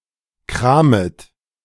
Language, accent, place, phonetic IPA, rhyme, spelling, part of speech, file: German, Germany, Berlin, [ˈkʁaːmət], -aːmət, kramet, verb, De-kramet.ogg
- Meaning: second-person plural subjunctive I of kramen